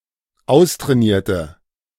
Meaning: inflection of austrainiert: 1. strong/mixed nominative/accusative feminine singular 2. strong nominative/accusative plural 3. weak nominative all-gender singular
- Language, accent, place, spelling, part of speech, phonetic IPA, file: German, Germany, Berlin, austrainierte, adjective, [ˈaʊ̯stʁɛːˌniːɐ̯tə], De-austrainierte.ogg